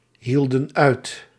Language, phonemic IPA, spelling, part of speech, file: Dutch, /ˈhildə(n) ˈœyt/, hielden uit, verb, Nl-hielden uit.ogg
- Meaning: inflection of uithouden: 1. plural past indicative 2. plural past subjunctive